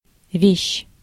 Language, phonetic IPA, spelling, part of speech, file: Russian, [vʲeɕː], вещь, noun, Ru-вещь.ogg
- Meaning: 1. thing, object 2. things, belongings, goods, stuff